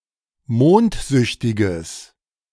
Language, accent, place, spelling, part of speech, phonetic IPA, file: German, Germany, Berlin, mondsüchtiges, adjective, [ˈmoːntˌzʏçtɪɡəs], De-mondsüchtiges.ogg
- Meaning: strong/mixed nominative/accusative neuter singular of mondsüchtig